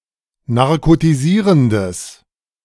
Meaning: strong/mixed nominative/accusative neuter singular of narkotisierend
- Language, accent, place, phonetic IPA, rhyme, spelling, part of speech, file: German, Germany, Berlin, [naʁkotiˈziːʁəndəs], -iːʁəndəs, narkotisierendes, adjective, De-narkotisierendes.ogg